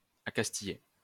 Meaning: past participle of accastiller
- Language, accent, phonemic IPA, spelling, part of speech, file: French, France, /a.kas.ti.je/, accastillé, verb, LL-Q150 (fra)-accastillé.wav